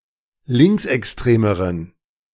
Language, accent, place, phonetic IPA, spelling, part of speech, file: German, Germany, Berlin, [ˈlɪŋksʔɛksˌtʁeːməʁən], linksextremeren, adjective, De-linksextremeren.ogg
- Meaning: inflection of linksextrem: 1. strong genitive masculine/neuter singular comparative degree 2. weak/mixed genitive/dative all-gender singular comparative degree